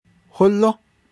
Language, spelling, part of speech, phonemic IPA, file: Navajo, hólǫ́, verb, /hólṍ/, Nv-hólǫ́.ogg
- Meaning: 1. there is, there are 2. he/she/it exists, is located somewhere 3. he/she/it has